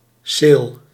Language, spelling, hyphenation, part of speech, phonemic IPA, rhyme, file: Dutch, ceel, ceel, noun, /seːl/, -eːl, Nl-ceel.ogg
- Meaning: 1. certificate, deed, official document 2. letter 3. list, series